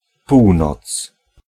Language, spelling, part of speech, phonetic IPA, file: Polish, północ, noun, [ˈpuwnɔt͡s], Pl-północ.ogg